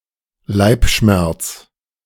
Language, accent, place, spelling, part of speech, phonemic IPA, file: German, Germany, Berlin, Leibschmerz, noun, /ˈlaɪ̯pˌʃmɛʁt͡s/, De-Leibschmerz.ogg
- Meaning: bellyache (abdominal pain)